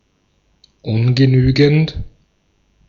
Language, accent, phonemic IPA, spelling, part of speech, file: German, Austria, /ˈʊnɡəˌnyːɡn̩t/, ungenügend, adjective, De-at-ungenügend.ogg
- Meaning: 1. insufficient, inadequate 2. being of an academic grade not allowing to pass due to utter uselessness, F